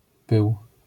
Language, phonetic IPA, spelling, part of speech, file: Polish, [pɨw], pył, noun, LL-Q809 (pol)-pył.wav